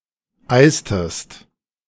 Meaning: inflection of eisen: 1. second-person singular preterite 2. second-person singular subjunctive II
- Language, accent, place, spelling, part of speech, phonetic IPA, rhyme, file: German, Germany, Berlin, eistest, verb, [ˈaɪ̯stəst], -aɪ̯stəst, De-eistest.ogg